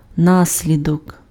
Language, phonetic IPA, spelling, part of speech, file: Ukrainian, [ˈnasʲlʲidɔk], наслідок, noun, Uk-наслідок.ogg
- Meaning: consequence, effect, outcome